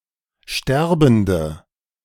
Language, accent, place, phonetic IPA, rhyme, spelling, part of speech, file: German, Germany, Berlin, [ˈʃtɛʁbn̩də], -ɛʁbn̩də, sterbende, adjective, De-sterbende.ogg
- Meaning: inflection of sterbend: 1. strong/mixed nominative/accusative feminine singular 2. strong nominative/accusative plural 3. weak nominative all-gender singular